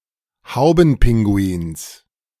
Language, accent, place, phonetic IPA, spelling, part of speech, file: German, Germany, Berlin, [ˈhaʊ̯bn̩ˌpɪŋɡuiːns], Haubenpinguins, noun, De-Haubenpinguins.ogg
- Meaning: genitive singular of Haubenpinguin